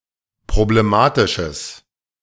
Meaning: strong/mixed nominative/accusative neuter singular of problematisch
- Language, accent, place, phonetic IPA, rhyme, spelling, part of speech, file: German, Germany, Berlin, [pʁobleˈmaːtɪʃəs], -aːtɪʃəs, problematisches, adjective, De-problematisches.ogg